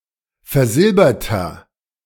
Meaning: inflection of versilbert: 1. strong/mixed nominative masculine singular 2. strong genitive/dative feminine singular 3. strong genitive plural
- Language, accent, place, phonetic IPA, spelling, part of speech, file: German, Germany, Berlin, [fɛɐ̯ˈzɪlbɐtɐ], versilberter, adjective, De-versilberter.ogg